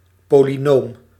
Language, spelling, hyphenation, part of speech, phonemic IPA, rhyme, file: Dutch, polynoom, po‧ly‧noom, noun / adjective, /ˌpoː.liˈnoːm/, -oːm, Nl-polynoom.ogg
- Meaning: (noun) polynomial